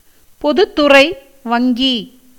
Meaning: public bank
- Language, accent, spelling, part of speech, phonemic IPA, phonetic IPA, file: Tamil, India, பொதுத்துறை வங்கி, noun, /pod̪ʊt̪ːʊrɐɪ̯ ʋɐŋɡiː/, [po̞d̪ʊt̪ːʊrɐɪ̯ ʋɐŋɡiː], Ta-பொதுத்துறை வங்கி.ogg